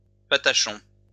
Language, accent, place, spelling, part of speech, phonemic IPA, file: French, France, Lyon, patachon, noun, /pa.ta.ʃɔ̃/, LL-Q150 (fra)-patachon.wav
- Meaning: coach driver (driver of a patache)